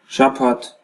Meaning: 1. Saturday 2. week
- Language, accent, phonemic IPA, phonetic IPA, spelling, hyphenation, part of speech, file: Armenian, Eastern Armenian, /ʃɑˈpʰɑtʰ/, [ʃɑpʰɑ́tʰ], շաբաթ, շա‧բաթ, noun, Hy-EA-շաբաթ.ogg